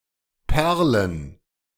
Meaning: plural of Perle
- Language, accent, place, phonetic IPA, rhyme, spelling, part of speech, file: German, Germany, Berlin, [ˈpɛʁlən], -ɛʁlən, Perlen, noun, De-Perlen.ogg